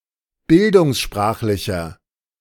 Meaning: inflection of bildungssprachlich: 1. strong/mixed nominative masculine singular 2. strong genitive/dative feminine singular 3. strong genitive plural
- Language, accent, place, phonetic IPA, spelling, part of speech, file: German, Germany, Berlin, [ˈbɪldʊŋsˌʃpʁaːxlɪçɐ], bildungssprachlicher, adjective, De-bildungssprachlicher.ogg